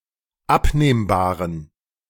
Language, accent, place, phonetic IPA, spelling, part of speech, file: German, Germany, Berlin, [ˈapneːmbaːʁən], abnehmbaren, adjective, De-abnehmbaren.ogg
- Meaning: inflection of abnehmbar: 1. strong genitive masculine/neuter singular 2. weak/mixed genitive/dative all-gender singular 3. strong/weak/mixed accusative masculine singular 4. strong dative plural